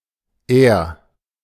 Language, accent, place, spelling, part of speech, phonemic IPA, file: German, Germany, Berlin, Er, noun / pronoun, /eːɐ̯/, De-Er.ogg
- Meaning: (noun) a person or animal of male gender, a male; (pronoun) you (form of address to a male person of lower social standing than the speaker)